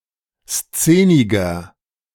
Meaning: 1. comparative degree of szenig 2. inflection of szenig: strong/mixed nominative masculine singular 3. inflection of szenig: strong genitive/dative feminine singular
- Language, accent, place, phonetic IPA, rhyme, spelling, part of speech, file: German, Germany, Berlin, [ˈst͡seːnɪɡɐ], -eːnɪɡɐ, szeniger, adjective, De-szeniger.ogg